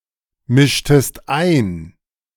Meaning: inflection of einmischen: 1. second-person singular preterite 2. second-person singular subjunctive II
- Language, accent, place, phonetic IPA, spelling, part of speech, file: German, Germany, Berlin, [ˌmɪʃtəst ˈaɪ̯n], mischtest ein, verb, De-mischtest ein.ogg